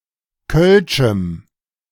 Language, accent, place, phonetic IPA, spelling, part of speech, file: German, Germany, Berlin, [kœlʃm̩], kölschem, adjective, De-kölschem.ogg
- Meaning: strong dative masculine/neuter singular of kölsch